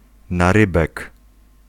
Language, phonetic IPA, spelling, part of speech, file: Polish, [naˈrɨbɛk], narybek, noun, Pl-narybek.ogg